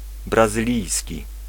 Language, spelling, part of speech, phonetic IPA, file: Polish, brazylijski, adjective, [ˌbrazɨˈlʲijsʲci], Pl-brazylijski.ogg